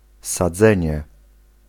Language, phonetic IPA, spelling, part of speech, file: Polish, [saˈd͡zɛ̃ɲɛ], sadzenie, noun, Pl-sadzenie.ogg